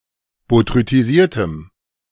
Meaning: strong dative masculine/neuter singular of botrytisiert
- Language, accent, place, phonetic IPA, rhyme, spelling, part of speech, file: German, Germany, Berlin, [botʁytiˈziːɐ̯təm], -iːɐ̯təm, botrytisiertem, adjective, De-botrytisiertem.ogg